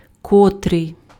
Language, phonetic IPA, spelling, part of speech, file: Ukrainian, [kɔˈtrɪi̯], котрий, pronoun, Uk-котрий.ogg
- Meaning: 1. which? 2. which, that, who, whom